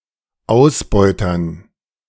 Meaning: dative plural of Ausbeuter
- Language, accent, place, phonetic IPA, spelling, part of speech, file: German, Germany, Berlin, [ˈaʊ̯sˌbɔɪ̯tɐn], Ausbeutern, noun, De-Ausbeutern.ogg